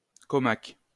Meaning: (adjective) large, big, out of the common; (adverb) like this, like that
- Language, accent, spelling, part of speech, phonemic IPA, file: French, France, commac, adjective / adverb, /kɔ.mak/, LL-Q150 (fra)-commac.wav